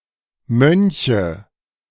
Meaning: nominative/accusative/genitive plural of Mönch
- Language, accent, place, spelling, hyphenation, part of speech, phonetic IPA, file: German, Germany, Berlin, Mönche, Mön‧che, noun, [ˈmœnçə], De-Mönche.ogg